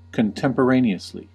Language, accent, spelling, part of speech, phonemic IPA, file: English, US, contemporaneously, adverb, /kənˌtɛmpəˈɹeɪni.əsli/, En-us-contemporaneously.ogg
- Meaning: In a contemporaneous way: in the same period of time